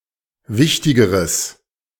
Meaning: strong/mixed nominative/accusative neuter singular comparative degree of wichtig
- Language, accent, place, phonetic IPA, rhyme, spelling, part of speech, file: German, Germany, Berlin, [ˈvɪçtɪɡəʁəs], -ɪçtɪɡəʁəs, wichtigeres, adjective, De-wichtigeres.ogg